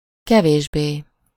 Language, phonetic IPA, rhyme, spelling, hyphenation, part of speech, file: Hungarian, [ˈkɛveːʒbeː], -beː, kevésbé, ke‧vés‧bé, adverb, Hu-kevésbé.ogg
- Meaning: less